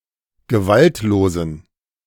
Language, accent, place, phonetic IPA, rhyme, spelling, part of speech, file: German, Germany, Berlin, [ɡəˈvaltloːzn̩], -altloːzn̩, gewaltlosen, adjective, De-gewaltlosen.ogg
- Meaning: inflection of gewaltlos: 1. strong genitive masculine/neuter singular 2. weak/mixed genitive/dative all-gender singular 3. strong/weak/mixed accusative masculine singular 4. strong dative plural